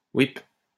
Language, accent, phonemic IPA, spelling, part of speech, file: French, France, /wip̚/, ouipe, interjection, LL-Q150 (fra)-ouipe.wav
- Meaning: yep; yup